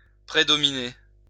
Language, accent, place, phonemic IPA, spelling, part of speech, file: French, France, Lyon, /pʁe.dɔ.mi.ne/, prédominer, verb, LL-Q150 (fra)-prédominer.wav
- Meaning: to predominate